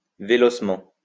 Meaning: swiftly
- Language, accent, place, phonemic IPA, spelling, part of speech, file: French, France, Lyon, /ve.lɔs.mɑ̃/, vélocement, adverb, LL-Q150 (fra)-vélocement.wav